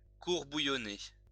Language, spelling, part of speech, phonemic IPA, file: French, bouillonner, verb, /bu.jɔ.ne/, LL-Q150 (fra)-bouillonner.wav
- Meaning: 1. to bubble; to froth 2. to seethe; to get angry